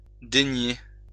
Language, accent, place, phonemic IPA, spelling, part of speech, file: French, France, Lyon, /de.nje/, dénier, verb, LL-Q150 (fra)-dénier.wav
- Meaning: to deny